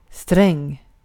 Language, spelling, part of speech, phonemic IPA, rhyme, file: Swedish, sträng, adjective / noun, /strɛŋ/, -ɛŋː, Sv-sträng.ogg
- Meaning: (adjective) 1. strict, stern 2. strict (highly regulated) 3. severe; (noun) a string (kept or intended to be kept taut, for example on an instrument, bow, or racket)